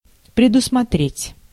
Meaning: 1. to foresee, to envisage, to anticipate 2. to provide (for), to stipulate (for)
- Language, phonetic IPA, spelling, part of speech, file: Russian, [prʲɪdʊsmɐˈtrʲetʲ], предусмотреть, verb, Ru-предусмотреть.ogg